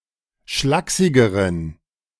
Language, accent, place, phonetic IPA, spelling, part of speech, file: German, Germany, Berlin, [ˈʃlaːksɪɡəʁən], schlaksigeren, adjective, De-schlaksigeren.ogg
- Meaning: inflection of schlaksig: 1. strong genitive masculine/neuter singular comparative degree 2. weak/mixed genitive/dative all-gender singular comparative degree